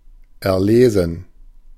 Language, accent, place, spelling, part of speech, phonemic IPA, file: German, Germany, Berlin, erlesen, verb / adjective, /ɛʁˈleːzən/, De-erlesen.ogg
- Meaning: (verb) 1. to select, to choose 2. to work out, to acquire understanding of (by reading the text where the topic is laid out) 3. past participle of erlesen